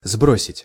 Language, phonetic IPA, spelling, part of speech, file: Russian, [ˈzbrosʲɪtʲ], сбросить, verb, Ru-сбросить.ogg
- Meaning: 1. to throw down, to drop 2. to throw off 3. to shed